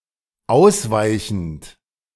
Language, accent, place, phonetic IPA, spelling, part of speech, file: German, Germany, Berlin, [ˈaʊ̯sˌvaɪ̯çn̩t], ausweichend, verb, De-ausweichend.ogg
- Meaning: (verb) present participle of ausweichen; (adjective) evasive, elusive